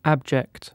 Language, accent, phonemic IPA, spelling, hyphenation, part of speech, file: English, Received Pronunciation, /ˈæbd͡ʒɛkt/, abject, ab‧ject, adjective / noun, En-uk-abject.ogg
- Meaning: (adjective) 1. Existing in or sunk to a low condition, position, or state; contemptible, despicable, miserable 2. Complete; downright; utter 3. Lower than nearby areas; low-lying